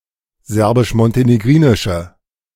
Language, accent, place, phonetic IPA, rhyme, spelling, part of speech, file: German, Germany, Berlin, [ˌzɛʁbɪʃmɔnteneˈɡʁiːnɪʃə], -iːnɪʃə, serbisch-montenegrinische, adjective, De-serbisch-montenegrinische.ogg
- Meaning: inflection of serbisch-montenegrinisch: 1. strong/mixed nominative/accusative feminine singular 2. strong nominative/accusative plural 3. weak nominative all-gender singular